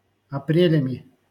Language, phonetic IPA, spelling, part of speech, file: Russian, [ɐˈprʲelʲəmʲɪ], апрелями, noun, LL-Q7737 (rus)-апрелями.wav
- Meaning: instrumental plural of апре́ль (aprélʹ)